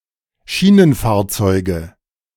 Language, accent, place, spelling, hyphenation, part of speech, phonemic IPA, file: German, Germany, Berlin, Schienenfahrzeuge, Schie‧nen‧fahr‧zeu‧ge, noun, /ˈʃiːnənˌfaːɐ̯t͡sɔɪ̯ɡə/, De-Schienenfahrzeuge.ogg
- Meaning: nominative/accusative/genitive plural of Schienenfahrzeug